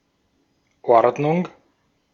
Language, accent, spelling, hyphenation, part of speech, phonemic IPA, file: German, Austria, Ordnung, Ord‧nung, noun, /ˈɔrdnʊŋ/, De-at-Ordnung.ogg
- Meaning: 1. arrangement, regulation 2. classification, order, array 3. tidiness, orderliness 4. class, rank, succession, series 5. Ordnung (Amish rules of living)